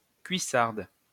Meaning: 1. waders (waterproof leggings used by anglers) 2. thigh-high boots
- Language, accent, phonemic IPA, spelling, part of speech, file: French, France, /kɥi.saʁd/, cuissarde, noun, LL-Q150 (fra)-cuissarde.wav